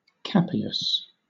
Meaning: An arrest warrant; a writ commanding officers to take a specified person or persons into custody
- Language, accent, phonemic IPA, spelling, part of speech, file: English, Southern England, /ˈkapɪəs/, capias, noun, LL-Q1860 (eng)-capias.wav